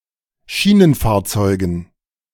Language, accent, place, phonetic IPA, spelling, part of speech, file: German, Germany, Berlin, [ˈʃiːnənˌfaːɐ̯t͡sɔɪ̯ɡn̩], Schienenfahrzeugen, noun, De-Schienenfahrzeugen.ogg
- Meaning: dative plural of Schienenfahrzeug